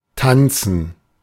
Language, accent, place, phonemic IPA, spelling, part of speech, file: German, Germany, Berlin, /ˈtan(t)sən/, tanzen, verb, De-tanzen.ogg
- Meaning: to dance